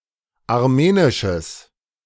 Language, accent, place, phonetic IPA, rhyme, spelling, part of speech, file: German, Germany, Berlin, [aʁˈmeːnɪʃəs], -eːnɪʃəs, armenisches, adjective, De-armenisches.ogg
- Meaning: strong/mixed nominative/accusative neuter singular of armenisch